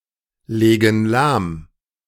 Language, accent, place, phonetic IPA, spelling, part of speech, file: German, Germany, Berlin, [ˌleːɡn̩ ˈlaːm], legen lahm, verb, De-legen lahm.ogg
- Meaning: inflection of lahmlegen: 1. first/third-person plural present 2. first/third-person plural subjunctive I